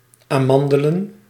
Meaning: plural of amandel
- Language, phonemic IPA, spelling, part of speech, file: Dutch, /aːˈmɑn.də.lə(n)/, amandelen, noun, Nl-amandelen.ogg